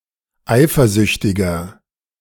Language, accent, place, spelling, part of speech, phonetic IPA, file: German, Germany, Berlin, eifersüchtiger, adjective, [ˈaɪ̯fɐˌzʏçtɪɡɐ], De-eifersüchtiger.ogg
- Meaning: 1. comparative degree of eifersüchtig 2. inflection of eifersüchtig: strong/mixed nominative masculine singular 3. inflection of eifersüchtig: strong genitive/dative feminine singular